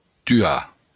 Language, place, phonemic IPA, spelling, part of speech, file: Occitan, Béarn, /tyˈa/, tuar, verb, LL-Q14185 (oci)-tuar.wav
- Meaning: to kill, to murder